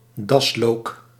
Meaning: wild garlic, bear leek (Allium ursinum)
- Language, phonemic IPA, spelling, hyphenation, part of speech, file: Dutch, /ˈdɑs.loːk/, daslook, das‧look, noun, Nl-daslook.ogg